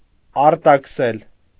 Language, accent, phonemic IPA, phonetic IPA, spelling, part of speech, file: Armenian, Eastern Armenian, /ɑɾtɑkʰˈsel/, [ɑɾtɑkʰsél], արտաքսել, verb, Hy-արտաքսել.ogg
- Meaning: 1. to deport, to expel 2. to discharge, to depose (from office or employment) 3. to exile, to banish